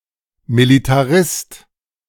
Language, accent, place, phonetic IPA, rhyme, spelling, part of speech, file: German, Germany, Berlin, [militaˈʁɪst], -ɪst, Militarist, noun, De-Militarist.ogg
- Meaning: militarist